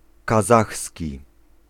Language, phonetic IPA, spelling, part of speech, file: Polish, [kaˈzaxsʲci], kazachski, adjective / noun, Pl-kazachski.ogg